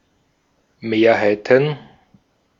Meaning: plural of Mehrheit
- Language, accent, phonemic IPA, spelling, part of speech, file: German, Austria, /ˈmeːɐhaɪ̯tən/, Mehrheiten, noun, De-at-Mehrheiten.ogg